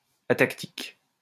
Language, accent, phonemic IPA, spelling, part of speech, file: French, France, /a.tak.tik/, atactique, adjective, LL-Q150 (fra)-atactique.wav
- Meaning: atactic